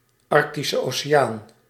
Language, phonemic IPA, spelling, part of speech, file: Dutch, /ˌɑr(k).ti.sə oː.seːˈaːn/, Arctische Oceaan, proper noun, Nl-Arctische Oceaan.ogg
- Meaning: the Arctic Ocean